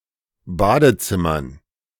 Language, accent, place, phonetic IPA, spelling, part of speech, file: German, Germany, Berlin, [ˈbaːdəˌt͡sɪmɐn], Badezimmern, noun, De-Badezimmern.ogg
- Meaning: dative plural of Badezimmer